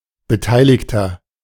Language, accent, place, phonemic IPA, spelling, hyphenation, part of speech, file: German, Germany, Berlin, /bəˈtaɪ̯lɪçtɐ/, Beteiligter, Be‧tei‧lig‧ter, noun, De-Beteiligter.ogg
- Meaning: 1. participant (male or of unspecified gender) 2. inflection of Beteiligte: strong genitive/dative singular 3. inflection of Beteiligte: strong genitive plural